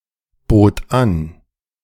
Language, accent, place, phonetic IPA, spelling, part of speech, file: German, Germany, Berlin, [ˌboːt ˈan], bot an, verb, De-bot an.ogg
- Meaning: first/third-person singular preterite of anbieten